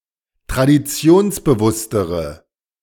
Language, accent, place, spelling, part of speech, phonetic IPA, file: German, Germany, Berlin, traditionsbewusstere, adjective, [tʁadiˈt͡si̯oːnsbəˌvʊstəʁə], De-traditionsbewusstere.ogg
- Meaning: inflection of traditionsbewusst: 1. strong/mixed nominative/accusative feminine singular comparative degree 2. strong nominative/accusative plural comparative degree